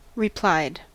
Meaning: simple past and past participle of reply
- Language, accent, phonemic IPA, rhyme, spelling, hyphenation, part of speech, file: English, US, /ɹɪˈplaɪd/, -aɪd, replied, re‧plied, verb, En-us-replied.ogg